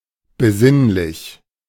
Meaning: contemplative, thoughtful (evoking, involving or tending towards a quiet, contemplative mood)
- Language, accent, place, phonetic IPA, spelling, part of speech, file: German, Germany, Berlin, [bəˈzɪnlɪç], besinnlich, adjective, De-besinnlich.ogg